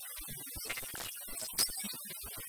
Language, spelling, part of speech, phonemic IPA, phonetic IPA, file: Tamil, இரண்டாம் வேற்றுமை, noun, /ɪɾɐɳɖɑːm ʋeːrːʊmɐɪ̯/, [ɪɾɐɳɖäːm ʋeːtrʊmɐɪ̯], Ta-இரண்டாம் வேற்றுமை.ogg
- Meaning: accusative case